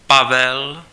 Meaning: 1. a male given name, equivalent to English Paul 2. a male surname
- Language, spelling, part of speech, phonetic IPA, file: Czech, Pavel, proper noun, [ˈpavɛl], Cs-Pavel.ogg